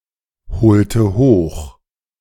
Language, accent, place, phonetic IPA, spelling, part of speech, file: German, Germany, Berlin, [bəˈt͡saɪ̯çnəndəm], bezeichnendem, adjective, De-bezeichnendem.ogg
- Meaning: strong dative masculine/neuter singular of bezeichnend